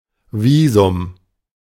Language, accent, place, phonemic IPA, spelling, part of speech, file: German, Germany, Berlin, /ˈviːzʊm/, Visum, noun, De-Visum.ogg
- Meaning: 1. visa (permit to enter a country) 2. visa (stamp on a passport)